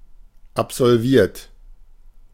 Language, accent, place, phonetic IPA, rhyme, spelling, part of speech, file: German, Germany, Berlin, [apzɔlˈviːɐ̯t], -iːɐ̯t, absolviert, verb, De-absolviert.ogg
- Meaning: 1. past participle of absolvieren 2. inflection of absolvieren: third-person singular present 3. inflection of absolvieren: second-person plural present 4. inflection of absolvieren: plural imperative